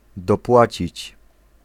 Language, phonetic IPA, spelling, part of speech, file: Polish, [dɔˈpwat͡ɕit͡ɕ], dopłacić, verb, Pl-dopłacić.ogg